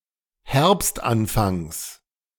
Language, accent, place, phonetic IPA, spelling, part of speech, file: German, Germany, Berlin, [ˈhɛʁpstʔanˌfaŋs], Herbstanfangs, noun, De-Herbstanfangs.ogg
- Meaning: genitive singular of Herbstanfang